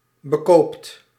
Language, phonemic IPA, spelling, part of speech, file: Dutch, /bəˈkopt/, bekoopt, verb, Nl-bekoopt.ogg
- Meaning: inflection of bekopen: 1. second/third-person singular present indicative 2. plural imperative